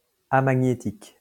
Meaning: nonmagnetic, amagnetic
- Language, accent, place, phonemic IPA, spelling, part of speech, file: French, France, Lyon, /a.ma.ɲe.tik/, amagnétique, adjective, LL-Q150 (fra)-amagnétique.wav